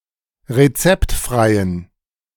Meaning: inflection of rezeptfrei: 1. strong genitive masculine/neuter singular 2. weak/mixed genitive/dative all-gender singular 3. strong/weak/mixed accusative masculine singular 4. strong dative plural
- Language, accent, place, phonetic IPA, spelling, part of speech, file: German, Germany, Berlin, [ʁeˈt͡sɛptˌfʁaɪ̯ən], rezeptfreien, adjective, De-rezeptfreien.ogg